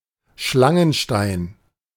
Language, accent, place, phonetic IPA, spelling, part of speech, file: German, Germany, Berlin, [ˈʃlaŋənˌʃtaɪ̯n], Schlangenstein, noun, De-Schlangenstein.ogg
- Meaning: serpentine